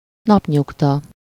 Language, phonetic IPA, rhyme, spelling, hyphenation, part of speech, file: Hungarian, [ˈnɒpɲuktɒ], -tɒ, napnyugta, nap‧nyug‧ta, noun, Hu-napnyugta.ogg
- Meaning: sunset (time of day)